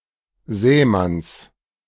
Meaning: genitive singular of Sämann
- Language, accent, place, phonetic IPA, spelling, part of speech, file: German, Germany, Berlin, [ˈzɛːˌmans], Sämanns, noun, De-Sämanns.ogg